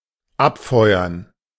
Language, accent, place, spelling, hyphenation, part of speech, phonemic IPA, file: German, Germany, Berlin, abfeuern, ab‧feu‧ern, verb, /ˈʔapfɔɪ̯ɐn/, De-abfeuern.ogg
- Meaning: to fire off, to fire (a weapon)